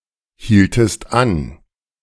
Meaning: inflection of anhalten: 1. second-person singular preterite 2. second-person singular subjunctive II
- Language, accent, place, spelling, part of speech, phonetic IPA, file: German, Germany, Berlin, hieltest an, verb, [ˌhiːltəst ˈan], De-hieltest an.ogg